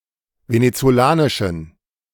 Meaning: inflection of venezolanisch: 1. strong genitive masculine/neuter singular 2. weak/mixed genitive/dative all-gender singular 3. strong/weak/mixed accusative masculine singular 4. strong dative plural
- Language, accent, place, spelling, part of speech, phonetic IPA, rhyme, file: German, Germany, Berlin, venezolanischen, adjective, [ˌvenet͡soˈlaːnɪʃn̩], -aːnɪʃn̩, De-venezolanischen.ogg